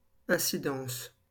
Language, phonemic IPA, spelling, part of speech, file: French, /ɛ̃.si.dɑ̃s/, incidence, noun, LL-Q150 (fra)-incidence.wav
- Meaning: 1. impact, effect, consequence 2. incidence